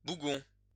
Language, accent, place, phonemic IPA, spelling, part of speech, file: French, France, Lyon, /bu.ɡɔ̃/, bougon, adjective / noun, LL-Q150 (fra)-bougon.wav
- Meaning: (adjective) grumpy, sullen; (noun) grump, grumbler